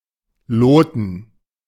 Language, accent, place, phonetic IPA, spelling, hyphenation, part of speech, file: German, Germany, Berlin, [ˈloːtn̩], loten, lo‧ten, verb, De-loten.ogg
- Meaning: 1. to sound 2. to plumb (to accurately align vertically or confirm the accurate vertical alignment of something)